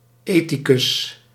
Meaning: ethicist, someone studying ethics
- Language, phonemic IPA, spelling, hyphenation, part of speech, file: Dutch, /ˈeː.ti.kʏs/, ethicus, ethi‧cus, noun, Nl-ethicus.ogg